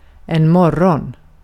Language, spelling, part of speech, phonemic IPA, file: Swedish, morgon, noun, /²mɔrː(ɡ)ɔn/, Sv-morgon.ogg
- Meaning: morning (early hours of the day)